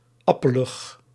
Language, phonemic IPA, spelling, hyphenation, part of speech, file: Dutch, /ˈɑ.pə.ləx/, appelig, ap‧pe‧lig, adverb / adjective, Nl-appelig.ogg
- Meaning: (adverb) unwell, lackless, unfirm